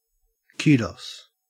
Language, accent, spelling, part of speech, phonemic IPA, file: English, Australia, kudos, noun / interjection / verb, /ˈk(j)uː.dɒs/, En-au-kudos.ogg
- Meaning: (noun) 1. Praise; accolades 2. Credit for one's achievements; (interjection) An interjection indicating praise or approval or as an acknowledgement of a laudable achievement